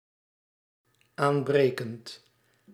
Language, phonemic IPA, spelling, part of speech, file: Dutch, /ˈaːmˌbreːkənt/, aanbrekend, verb, Nl-aanbrekend.ogg
- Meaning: present participle of aanbreken